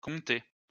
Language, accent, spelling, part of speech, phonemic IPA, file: French, France, comptais, verb, /kɔ̃.tɛ/, LL-Q150 (fra)-comptais.wav
- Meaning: first/second-person singular imperfect indicative of compter